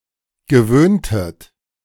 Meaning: inflection of gewöhnen: 1. second-person plural preterite 2. second-person plural subjunctive II
- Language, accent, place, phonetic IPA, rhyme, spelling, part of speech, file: German, Germany, Berlin, [ɡəˈvøːntət], -øːntət, gewöhntet, verb, De-gewöhntet.ogg